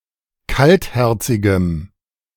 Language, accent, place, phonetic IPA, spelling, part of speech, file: German, Germany, Berlin, [ˈkaltˌhɛʁt͡sɪɡəm], kaltherzigem, adjective, De-kaltherzigem.ogg
- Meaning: strong dative masculine/neuter singular of kaltherzig